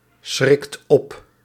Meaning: inflection of opschrikken: 1. second/third-person singular present indicative 2. plural imperative
- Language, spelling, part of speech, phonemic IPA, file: Dutch, schrikt op, verb, /ˈsxrɪkt ˈɔp/, Nl-schrikt op.ogg